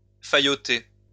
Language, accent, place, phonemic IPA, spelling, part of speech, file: French, France, Lyon, /fa.jɔ.te/, fayoter, verb, LL-Q150 (fra)-fayoter.wav
- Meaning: to brownnose